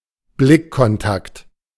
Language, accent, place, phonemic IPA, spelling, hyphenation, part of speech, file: German, Germany, Berlin, /ˈblɪkkɔnˌtakt/, Blickkontakt, Blick‧kon‧takt, noun, De-Blickkontakt.ogg
- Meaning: eye contact